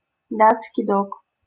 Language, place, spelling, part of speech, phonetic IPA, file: Russian, Saint Petersburg, датский дог, noun, [ˈdat͡skʲɪj ˈdok], LL-Q7737 (rus)-датский дог.wav
- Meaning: Great Dane